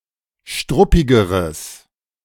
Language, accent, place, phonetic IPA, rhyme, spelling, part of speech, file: German, Germany, Berlin, [ˈʃtʁʊpɪɡəʁəs], -ʊpɪɡəʁəs, struppigeres, adjective, De-struppigeres.ogg
- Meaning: strong/mixed nominative/accusative neuter singular comparative degree of struppig